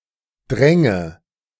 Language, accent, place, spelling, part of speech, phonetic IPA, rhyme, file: German, Germany, Berlin, dränge, verb, [ˈdʁɛŋə], -ɛŋə, De-dränge.ogg
- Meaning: first/third-person singular subjunctive II of dringen